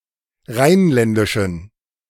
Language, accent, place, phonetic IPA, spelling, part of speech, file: German, Germany, Berlin, [ˈʁaɪ̯nˌlɛndɪʃn̩], rheinländischen, adjective, De-rheinländischen.ogg
- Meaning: inflection of rheinländisch: 1. strong genitive masculine/neuter singular 2. weak/mixed genitive/dative all-gender singular 3. strong/weak/mixed accusative masculine singular 4. strong dative plural